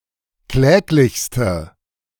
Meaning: inflection of kläglich: 1. strong/mixed nominative/accusative feminine singular superlative degree 2. strong nominative/accusative plural superlative degree
- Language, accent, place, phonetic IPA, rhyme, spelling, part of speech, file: German, Germany, Berlin, [ˈklɛːklɪçstə], -ɛːklɪçstə, kläglichste, adjective, De-kläglichste.ogg